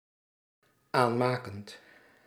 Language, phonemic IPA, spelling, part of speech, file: Dutch, /ˈanmakənt/, aanmakend, verb, Nl-aanmakend.ogg
- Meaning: present participle of aanmaken